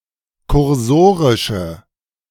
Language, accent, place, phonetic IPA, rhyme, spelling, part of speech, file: German, Germany, Berlin, [kʊʁˈzoːʁɪʃə], -oːʁɪʃə, kursorische, adjective, De-kursorische.ogg
- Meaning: inflection of kursorisch: 1. strong/mixed nominative/accusative feminine singular 2. strong nominative/accusative plural 3. weak nominative all-gender singular